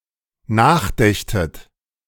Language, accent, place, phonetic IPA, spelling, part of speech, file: German, Germany, Berlin, [ˈnaːxˌdɛçtət], nachdächtet, verb, De-nachdächtet.ogg
- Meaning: second-person plural dependent subjunctive II of nachdenken